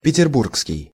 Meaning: St. Petersburg
- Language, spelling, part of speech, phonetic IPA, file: Russian, петербургский, adjective, [pʲɪtʲɪrˈbur(k)skʲɪj], Ru-петербургский.ogg